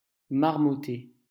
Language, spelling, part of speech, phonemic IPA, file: French, marmotter, verb, /maʁ.mɔ.te/, LL-Q150 (fra)-marmotter.wav
- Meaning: to mumble, mutter